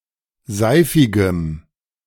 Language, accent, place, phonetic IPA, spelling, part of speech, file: German, Germany, Berlin, [ˈzaɪ̯fɪɡəm], seifigem, adjective, De-seifigem.ogg
- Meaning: strong dative masculine/neuter singular of seifig